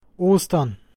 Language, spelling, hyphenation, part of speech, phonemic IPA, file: German, Ostern, Os‧tern, noun, /ˈoːstɐn/, Ostern.ogg
- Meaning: Easter